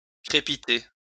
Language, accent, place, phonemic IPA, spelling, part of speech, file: French, France, Lyon, /kʁe.pi.te/, crépiter, verb, LL-Q150 (fra)-crépiter.wav
- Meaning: 1. to crackle 2. to rattle 3. to splutter